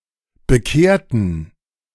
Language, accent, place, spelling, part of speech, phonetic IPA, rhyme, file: German, Germany, Berlin, bekehrten, adjective / verb, [bəˈkeːɐ̯tn̩], -eːɐ̯tn̩, De-bekehrten.ogg
- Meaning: inflection of bekehren: 1. first/third-person plural preterite 2. first/third-person plural subjunctive II